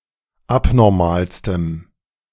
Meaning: strong dative masculine/neuter singular superlative degree of abnormal
- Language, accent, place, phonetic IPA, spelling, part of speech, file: German, Germany, Berlin, [ˈapnɔʁmaːlstəm], abnormalstem, adjective, De-abnormalstem.ogg